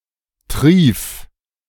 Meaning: 1. singular imperative of triefen 2. first-person singular present of triefen
- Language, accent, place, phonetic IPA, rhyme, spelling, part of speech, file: German, Germany, Berlin, [tʁiːf], -iːf, trief, verb, De-trief.ogg